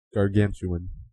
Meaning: 1. Huge; immense; tremendous 2. Of the giant Gargantua or his appetite
- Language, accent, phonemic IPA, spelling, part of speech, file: English, US, /ɡɑɹˈɡæn.t͡ʃu.ən/, gargantuan, adjective, En-us-gargantuan.oga